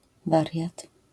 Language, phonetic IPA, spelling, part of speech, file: Polish, [ˈvarʲjat], wariat, noun, LL-Q809 (pol)-wariat.wav